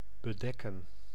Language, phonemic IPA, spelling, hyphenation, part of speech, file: Dutch, /bəˈdɛkə(n)/, bedekken, be‧dek‧ken, verb, Nl-bedekken.ogg
- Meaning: to cover, bedeck